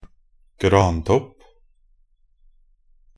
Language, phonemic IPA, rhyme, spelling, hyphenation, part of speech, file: Norwegian Bokmål, /ɡrɑːntɔp/, -ɔp, grantopp, gran‧topp, noun, Nb-grantopp.ogg
- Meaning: the crown of a Norway spruce